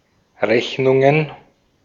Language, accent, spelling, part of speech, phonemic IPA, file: German, Austria, Rechnungen, noun, /ˈʁɛçnʊŋən/, De-at-Rechnungen.ogg
- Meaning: plural of Rechnung